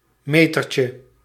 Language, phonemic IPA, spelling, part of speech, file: Dutch, /ˈmetərcə/, metertje, noun, Nl-metertje.ogg
- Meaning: diminutive of meter